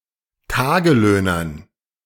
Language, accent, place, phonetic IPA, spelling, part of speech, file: German, Germany, Berlin, [ˈtaːɡəˌløːnɐn], Tagelöhnern, noun, De-Tagelöhnern.ogg
- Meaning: dative plural of Tagelöhner